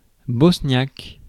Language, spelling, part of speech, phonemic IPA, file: French, bosniaque, adjective / noun, /bɔs.njak/, Fr-bosniaque.ogg
- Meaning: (adjective) Bosnian (of or from Bosnia); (noun) Bosnian (language)